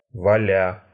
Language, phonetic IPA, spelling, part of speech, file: Russian, [vɐˈlʲa], валя, verb, Ru-валя́.ogg
- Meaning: present adverbial imperfective participle of вали́ть (valítʹ)